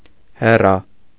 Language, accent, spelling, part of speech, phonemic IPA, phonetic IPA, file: Armenian, Eastern Armenian, Հերա, proper noun, /heˈɾɑ/, [heɾɑ́], Hy-Հերա.ogg
- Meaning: Hera